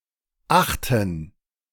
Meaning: 1. gerund of achten 2. plural of Acht
- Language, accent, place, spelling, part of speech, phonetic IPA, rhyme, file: German, Germany, Berlin, Achten, noun, [ˈaxtn̩], -axtn̩, De-Achten.ogg